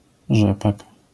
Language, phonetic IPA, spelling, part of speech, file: Polish, [ˈʒɛpak], rzepak, noun, LL-Q809 (pol)-rzepak.wav